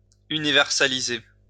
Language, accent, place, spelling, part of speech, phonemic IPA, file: French, France, Lyon, universaliser, verb, /y.ni.vɛʁ.sa.li.ze/, LL-Q150 (fra)-universaliser.wav
- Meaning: to universalize